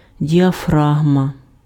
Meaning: diaphragm
- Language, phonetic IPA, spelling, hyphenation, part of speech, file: Ukrainian, [dʲiɐˈfraɦmɐ], діафрагма, ді‧а‧фра‧гма, noun, Uk-діафрагма.ogg